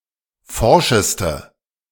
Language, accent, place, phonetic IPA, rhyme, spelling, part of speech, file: German, Germany, Berlin, [ˈfɔʁʃəstə], -ɔʁʃəstə, forscheste, adjective, De-forscheste.ogg
- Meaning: inflection of forsch: 1. strong/mixed nominative/accusative feminine singular superlative degree 2. strong nominative/accusative plural superlative degree